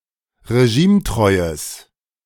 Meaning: strong/mixed nominative/accusative neuter singular of regimetreu
- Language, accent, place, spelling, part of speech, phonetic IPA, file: German, Germany, Berlin, regimetreues, adjective, [ʁeˈʒiːmˌtʁɔɪ̯əs], De-regimetreues.ogg